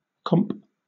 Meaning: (adjective) 1. Clipping of complimentary 2. Clipping of comparative 3. Clipping of compensatory or compensating 4. Clipping of competitive; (noun) Alternative form of comp
- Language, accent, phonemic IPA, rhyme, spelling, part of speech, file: English, Southern England, /kɒmp/, -ɒmp, comp, adjective / noun / verb, LL-Q1860 (eng)-comp.wav